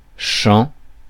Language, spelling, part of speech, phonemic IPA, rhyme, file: French, chant, noun, /ʃɑ̃/, -ɑ̃, Fr-chant.ogg
- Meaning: 1. singing (act of using the voice to produce musical sounds) 2. song